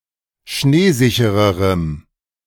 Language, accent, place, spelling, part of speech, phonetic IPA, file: German, Germany, Berlin, schneesichererem, adjective, [ˈʃneːˌzɪçəʁəʁəm], De-schneesichererem.ogg
- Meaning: strong dative masculine/neuter singular comparative degree of schneesicher